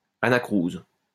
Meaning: anacrusis
- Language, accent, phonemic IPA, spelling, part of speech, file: French, France, /a.na.kʁuz/, anacrouse, noun, LL-Q150 (fra)-anacrouse.wav